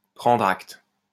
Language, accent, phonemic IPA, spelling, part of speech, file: French, France, /pʁɑ̃dʁ akt/, prendre acte, verb, LL-Q150 (fra)-prendre acte.wav
- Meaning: to take note; to acknowledge, to recognize